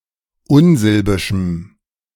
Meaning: strong dative masculine/neuter singular of unsilbisch
- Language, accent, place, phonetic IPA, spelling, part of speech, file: German, Germany, Berlin, [ˈʊnˌzɪlbɪʃm̩], unsilbischem, adjective, De-unsilbischem.ogg